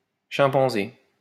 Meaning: chimpanzee (ape)
- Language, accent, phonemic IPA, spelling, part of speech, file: French, France, /ʃɛ̃.pɑ̃.ze/, chimpanzé, noun, LL-Q150 (fra)-chimpanzé.wav